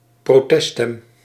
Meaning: protest vote (vote cast in order to express dissatisfaction)
- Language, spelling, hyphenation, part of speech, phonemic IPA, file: Dutch, proteststem, pro‧test‧stem, noun, /proːˈtɛ(st)stɛm/, Nl-proteststem.ogg